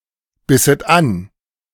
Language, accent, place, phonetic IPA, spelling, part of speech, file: German, Germany, Berlin, [ˌbɪsət ˈan], bisset an, verb, De-bisset an.ogg
- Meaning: second-person plural subjunctive II of anbeißen